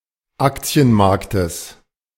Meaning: genitive singular of Aktienmarkt
- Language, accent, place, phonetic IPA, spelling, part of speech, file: German, Germany, Berlin, [ˈakt͡si̯ənˌmaʁktəs], Aktienmarktes, noun, De-Aktienmarktes.ogg